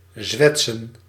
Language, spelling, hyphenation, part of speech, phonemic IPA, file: Dutch, zwetsen, zwet‧sen, verb, /ˈzʋɛt.sə(n)/, Nl-zwetsen.ogg
- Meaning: 1. to twaddle, to chatter 2. to talk rubbish, to tell nonsense, to waffle